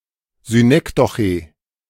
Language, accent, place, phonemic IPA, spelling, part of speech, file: German, Germany, Berlin, /zyˈnɛkdɔχe/, Synekdoche, noun, De-Synekdoche.ogg
- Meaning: synecdoche (certain type of metaphor)